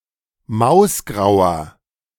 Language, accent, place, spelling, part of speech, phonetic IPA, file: German, Germany, Berlin, mausgrauer, adjective, [ˈmaʊ̯sˌɡʁaʊ̯ɐ], De-mausgrauer.ogg
- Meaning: inflection of mausgrau: 1. strong/mixed nominative masculine singular 2. strong genitive/dative feminine singular 3. strong genitive plural